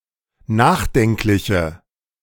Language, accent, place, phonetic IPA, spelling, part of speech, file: German, Germany, Berlin, [ˈnaːxˌdɛŋklɪçə], nachdenkliche, adjective, De-nachdenkliche.ogg
- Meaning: inflection of nachdenklich: 1. strong/mixed nominative/accusative feminine singular 2. strong nominative/accusative plural 3. weak nominative all-gender singular